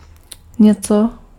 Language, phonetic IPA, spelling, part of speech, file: Czech, [ˈɲɛt͡so], něco, pronoun, Cs-něco.ogg
- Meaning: something